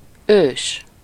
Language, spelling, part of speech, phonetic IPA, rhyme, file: Hungarian, ős, adjective / noun, [ˈøːʃ], -øːʃ, Hu-ős.ogg
- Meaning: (adjective) ancient, very old; mostly used in compounds as a prefix; otherwise poetic; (noun) ancestor, forefather